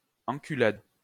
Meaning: 1. sodomy, buggery, assfuck, buttfuck (act of anal sex) 2. fuckover (trickery)
- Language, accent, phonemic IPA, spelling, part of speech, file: French, France, /ɑ̃.ky.lad/, enculade, noun, LL-Q150 (fra)-enculade.wav